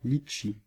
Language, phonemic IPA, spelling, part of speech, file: French, /lit.ʃi/, litchi, noun, Fr-litchi.ogg
- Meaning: 1. lychee (tree) 2. lychee (fruit)